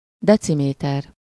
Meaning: decimetre (UK), decimeter (US) (an SI unit of length, symbol: dm)
- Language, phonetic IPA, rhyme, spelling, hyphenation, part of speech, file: Hungarian, [ˈdɛt͡simeːtɛr], -ɛr, deciméter, de‧ci‧mé‧ter, noun, Hu-deciméter.ogg